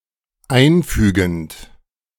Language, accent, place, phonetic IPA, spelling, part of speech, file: German, Germany, Berlin, [ˈaɪ̯nˌfyːɡn̩t], einfügend, verb, De-einfügend.ogg
- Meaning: present participle of einfügen